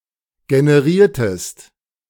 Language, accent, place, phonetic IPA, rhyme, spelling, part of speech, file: German, Germany, Berlin, [ɡenəˈʁiːɐ̯təst], -iːɐ̯təst, generiertest, verb, De-generiertest.ogg
- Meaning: inflection of generieren: 1. second-person singular preterite 2. second-person singular subjunctive II